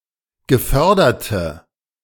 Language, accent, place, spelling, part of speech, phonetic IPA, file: German, Germany, Berlin, geförderte, adjective, [ɡəˈfœʁdɐtə], De-geförderte.ogg
- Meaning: inflection of gefördert: 1. strong/mixed nominative/accusative feminine singular 2. strong nominative/accusative plural 3. weak nominative all-gender singular